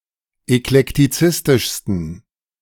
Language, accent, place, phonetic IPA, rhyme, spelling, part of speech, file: German, Germany, Berlin, [ɛklɛktiˈt͡sɪstɪʃstn̩], -ɪstɪʃstn̩, eklektizistischsten, adjective, De-eklektizistischsten.ogg
- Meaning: 1. superlative degree of eklektizistisch 2. inflection of eklektizistisch: strong genitive masculine/neuter singular superlative degree